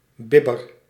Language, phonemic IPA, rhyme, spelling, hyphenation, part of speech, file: Dutch, /ˈbɪ.bər/, -ɪbər, bibber, bib‧ber, noun / verb, Nl-bibber.ogg
- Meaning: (noun) shiver, tremble; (verb) inflection of bibberen: 1. first-person singular present indicative 2. second-person singular present indicative 3. imperative